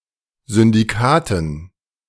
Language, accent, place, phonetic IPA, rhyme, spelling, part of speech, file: German, Germany, Berlin, [zʏndiˈkaːtn̩], -aːtn̩, Syndikaten, noun, De-Syndikaten.ogg
- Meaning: dative plural of Syndikat